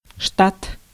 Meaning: 1. state (a political division, e.g. a US state) 2. staff (personnel)
- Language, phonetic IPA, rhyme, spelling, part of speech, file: Russian, [ʂtat], -at, штат, noun, Ru-штат.ogg